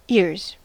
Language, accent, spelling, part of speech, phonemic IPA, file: English, US, ears, noun / verb, /ɪɹz/, En-us-ears.ogg
- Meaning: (noun) plural of ear; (verb) third-person singular simple present indicative of ear